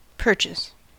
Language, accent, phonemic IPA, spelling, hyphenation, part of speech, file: English, US, /ˈpɜɹ.tʃəs/, purchase, pur‧chase, noun / verb, En-us-purchase.ogg
- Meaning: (noun) 1. The acquisition of title to, or property in, anything for a price; buying for money or its equivalent 2. That which is obtained for a price in money or its equivalent